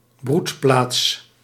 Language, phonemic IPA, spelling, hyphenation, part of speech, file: Dutch, /ˈbrut.plaːts/, broedplaats, broed‧plaats, noun, Nl-broedplaats.ogg
- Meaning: a nesting site, a breeding-ground of egglaying animals